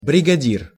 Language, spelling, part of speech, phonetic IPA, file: Russian, бригадир, noun, [brʲɪɡɐˈdʲir], Ru-бригадир.ogg
- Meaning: 1. brigadier 2. foreman, captain (the leader of a crew of workers)